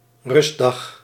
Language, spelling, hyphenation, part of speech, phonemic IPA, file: Dutch, rustdag, rust‧dag, noun, /ˈrʏs.dɑx/, Nl-rustdag.ogg
- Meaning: day of rest